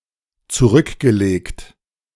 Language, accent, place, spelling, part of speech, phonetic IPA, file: German, Germany, Berlin, zurückgelegt, verb, [t͡suˈʁʏkɡəˌleːkt], De-zurückgelegt.ogg
- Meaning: past participle of zurücklegen